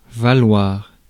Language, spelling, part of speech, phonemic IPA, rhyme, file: French, valoir, verb, /va.lwaʁ/, -waʁ, Fr-valoir.ogg
- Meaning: 1. to be worth 2. to earn, to win, to bring (something of value, ironic usage notwithstanding) 3. to be equal to 4. to be the same, to have no difference between